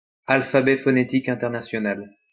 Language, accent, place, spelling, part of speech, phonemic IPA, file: French, France, Lyon, alphabet phonétique international, noun, /al.fa.bɛ fɔ.ne.tik ɛ̃.tɛʁ.na.sjɔ.nal/, LL-Q150 (fra)-alphabet phonétique international.wav
- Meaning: International Phonetic Alphabet; IPA